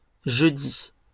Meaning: plural of jeudi
- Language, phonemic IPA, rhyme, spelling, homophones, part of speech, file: French, /ʒø.di/, -i, jeudis, jeudi, noun, LL-Q150 (fra)-jeudis.wav